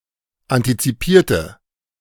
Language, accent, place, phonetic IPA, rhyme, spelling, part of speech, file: German, Germany, Berlin, [ˌantit͡siˈpiːɐ̯tə], -iːɐ̯tə, antizipierte, adjective, De-antizipierte.ogg
- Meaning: inflection of antizipiert: 1. strong/mixed nominative/accusative feminine singular 2. strong nominative/accusative plural 3. weak nominative all-gender singular